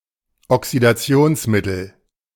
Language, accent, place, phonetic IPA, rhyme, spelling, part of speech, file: German, Germany, Berlin, [ɔksidaˈt͡si̯oːnsˌmɪtl̩], -oːnsmɪtl̩, Oxidationsmittel, noun, De-Oxidationsmittel.ogg
- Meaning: oxidant, oxidizing agent